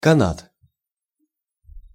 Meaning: rope, cable
- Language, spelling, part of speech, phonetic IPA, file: Russian, канат, noun, [kɐˈnat], Ru-канат.ogg